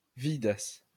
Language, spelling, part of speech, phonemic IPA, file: Esperanto, vidas, verb, /ˈvidas/, LL-Q143 (epo)-vidas.wav